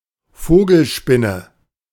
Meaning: tarantula (broad sense), bird spider, bird-eating spider, monkey spider
- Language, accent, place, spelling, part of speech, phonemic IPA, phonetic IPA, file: German, Germany, Berlin, Vogelspinne, noun, /ˈfoːɡəlˌʃpɪnə/, [ˈfoːɡl̩ˌʃpɪnə], De-Vogelspinne.ogg